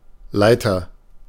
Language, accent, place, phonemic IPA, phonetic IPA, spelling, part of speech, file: German, Germany, Berlin, /ˈlaɪ̯tər/, [ˈlaɪ̯.tɐ], Leiter, noun, De-Leiter.ogg
- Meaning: 1. ladder 2. agent noun of leiten: leader, director, manager, head, chief (male or of unspecified sex) 3. agent noun of leiten: conductor, lead, wire, line